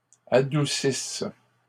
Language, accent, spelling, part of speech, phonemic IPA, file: French, Canada, adoucisses, verb, /a.du.sis/, LL-Q150 (fra)-adoucisses.wav
- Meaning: second-person singular present/imperfect subjunctive of adoucir